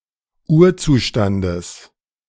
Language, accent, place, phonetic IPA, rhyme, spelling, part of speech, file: German, Germany, Berlin, [ˈuːɐ̯ˌt͡suːʃtandəs], -uːɐ̯t͡suːʃtandəs, Urzustandes, noun, De-Urzustandes.ogg
- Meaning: genitive singular of Urzustand